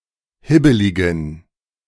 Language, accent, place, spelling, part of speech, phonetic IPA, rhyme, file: German, Germany, Berlin, hibbeligen, adjective, [ˈhɪbəlɪɡn̩], -ɪbəlɪɡn̩, De-hibbeligen.ogg
- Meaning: inflection of hibbelig: 1. strong genitive masculine/neuter singular 2. weak/mixed genitive/dative all-gender singular 3. strong/weak/mixed accusative masculine singular 4. strong dative plural